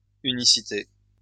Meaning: uniqueness, unicity
- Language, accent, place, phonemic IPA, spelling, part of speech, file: French, France, Lyon, /y.ni.si.te/, unicité, noun, LL-Q150 (fra)-unicité.wav